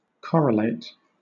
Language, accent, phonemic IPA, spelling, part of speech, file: English, Southern England, /ˈkɒɹəleɪt/, correlate, verb, LL-Q1860 (eng)-correlate.wav
- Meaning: 1. To compare things and bring them into a relation having corresponding characteristics 2. To be related by a correlation; to be correlated